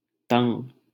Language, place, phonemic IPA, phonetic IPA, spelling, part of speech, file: Hindi, Delhi, /t̪əŋɡ/, [t̪ɐ̃ŋɡ], तंग, adjective, LL-Q1568 (hin)-तंग.wav
- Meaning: 1. tight, narrow 2. troubled, distressed, vexed 3. distracted, bothered